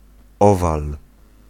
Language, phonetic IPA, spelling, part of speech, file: Polish, [ˈɔval], owal, noun, Pl-owal.ogg